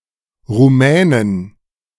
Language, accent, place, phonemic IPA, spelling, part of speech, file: German, Germany, Berlin, /ʁuˈmɛːnən/, Rumänen, noun, De-Rumänen.ogg
- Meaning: 1. genitive singular of Rumäne 2. plural of Rumäne